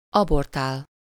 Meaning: 1. to abort, miscarry (to bring forth a non-living offspring prematurely) 2. to abort (to cause a premature termination of (a fetus))
- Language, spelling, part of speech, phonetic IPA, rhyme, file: Hungarian, abortál, verb, [ˈɒbortaːl], -aːl, Hu-abortál.ogg